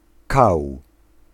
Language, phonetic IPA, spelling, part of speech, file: Polish, [kaw], kał, noun, Pl-kał.ogg